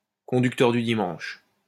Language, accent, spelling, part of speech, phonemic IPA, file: French, France, conducteur du dimanche, noun, /kɔ̃.dyk.tœʁ dy di.mɑ̃ʃ/, LL-Q150 (fra)-conducteur du dimanche.wav
- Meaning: Sunday driver (person who drives poorly)